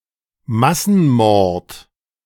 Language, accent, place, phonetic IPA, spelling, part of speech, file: German, Germany, Berlin, [ˈmasn̩ˌmɔʁt], Massenmord, noun, De-Massenmord.ogg
- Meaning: mass murder